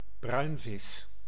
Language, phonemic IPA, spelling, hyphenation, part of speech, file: Dutch, /ˈbrœy̯nvɪs/, bruinvis, bruin‧vis, noun, Nl-bruinvis.ogg
- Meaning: 1. any porpoise, marine mammal of the family Phocoenidae (certain small cetacean) 2. harbour porpoise (Phocoena phocoena)